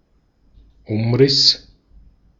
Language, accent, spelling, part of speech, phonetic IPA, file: German, Austria, Umriss, noun, [ˈʊmˌʁɪs], De-at-Umriss.ogg
- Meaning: 1. outline (line marking the boundary of an object figure) 2. outline (broad description)